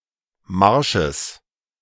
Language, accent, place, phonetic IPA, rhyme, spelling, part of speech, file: German, Germany, Berlin, [ˈmaʁʃəs], -aʁʃəs, Marsches, noun, De-Marsches.ogg
- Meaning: genitive singular of Marsch